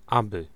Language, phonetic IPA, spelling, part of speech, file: Polish, [ˈabɨ], aby, conjunction / particle, Pl-aby.ogg